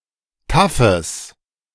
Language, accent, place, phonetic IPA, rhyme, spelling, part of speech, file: German, Germany, Berlin, [ˈtafəs], -afəs, taffes, adjective, De-taffes.ogg
- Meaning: strong/mixed nominative/accusative neuter singular of taff